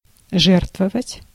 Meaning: 1. to donate 2. to sacrifice, to give, to offer
- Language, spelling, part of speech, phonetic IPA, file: Russian, жертвовать, verb, [ˈʐɛrtvəvətʲ], Ru-жертвовать.ogg